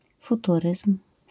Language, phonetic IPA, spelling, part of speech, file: Polish, [fuˈturɨsm̥], futuryzm, noun, LL-Q809 (pol)-futuryzm.wav